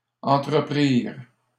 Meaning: third-person plural past historic of entreprendre
- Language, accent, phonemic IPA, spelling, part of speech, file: French, Canada, /ɑ̃.tʁə.pʁiʁ/, entreprirent, verb, LL-Q150 (fra)-entreprirent.wav